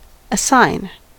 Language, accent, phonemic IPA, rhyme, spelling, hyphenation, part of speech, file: English, US, /əˈsaɪn/, -aɪn, assign, as‧sign, verb / noun, En-us-assign.ogg
- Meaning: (verb) 1. To designate or set apart (something) for some purpose 2. To appoint or select (someone) for some office 3. To allot or give (something) as a task